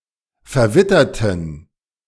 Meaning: inflection of verwittern: 1. first/third-person plural preterite 2. first/third-person plural subjunctive II
- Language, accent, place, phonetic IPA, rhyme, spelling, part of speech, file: German, Germany, Berlin, [fɛɐ̯ˈvɪtɐtn̩], -ɪtɐtn̩, verwitterten, adjective / verb, De-verwitterten.ogg